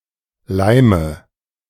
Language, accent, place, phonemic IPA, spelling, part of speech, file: German, Germany, Berlin, /ˈlaɪ̯mə/, Leime, noun, De-Leime2.ogg
- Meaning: 1. nominative plural of Leim 2. accusative plural of Leim 3. genitive plural of Leim 4. dative singular of Leim